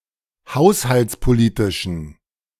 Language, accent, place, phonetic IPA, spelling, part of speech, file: German, Germany, Berlin, [ˈhaʊ̯shalt͡spoˌliːtɪʃn̩], haushaltspolitischen, adjective, De-haushaltspolitischen.ogg
- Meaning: inflection of haushaltspolitisch: 1. strong genitive masculine/neuter singular 2. weak/mixed genitive/dative all-gender singular 3. strong/weak/mixed accusative masculine singular